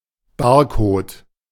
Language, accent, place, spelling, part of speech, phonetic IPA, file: German, Germany, Berlin, Barcode, noun, [ˈbaːɐ̯koːt], De-Barcode.ogg
- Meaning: barcode